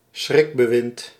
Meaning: reign of terror
- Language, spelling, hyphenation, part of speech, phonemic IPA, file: Dutch, schrikbewind, schrik‧be‧wind, noun, /ˈsxrɪk.bəˌʋɪnt/, Nl-schrikbewind.ogg